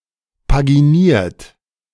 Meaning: 1. past participle of paginieren 2. inflection of paginieren: third-person singular present 3. inflection of paginieren: second-person plural present 4. inflection of paginieren: plural imperative
- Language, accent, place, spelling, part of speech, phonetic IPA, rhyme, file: German, Germany, Berlin, paginiert, verb, [paɡiˈniːɐ̯t], -iːɐ̯t, De-paginiert.ogg